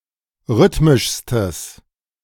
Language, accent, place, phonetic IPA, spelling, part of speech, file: German, Germany, Berlin, [ˈʁʏtmɪʃstəs], rhythmischstes, adjective, De-rhythmischstes.ogg
- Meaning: strong/mixed nominative/accusative neuter singular superlative degree of rhythmisch